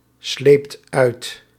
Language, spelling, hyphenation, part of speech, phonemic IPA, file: Dutch, sleept uit, sleept uit, verb, /ˌsleːpt ˈœy̯t/, Nl-sleept uit.ogg
- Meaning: second-person (gij) singular past indicative of uitslijpen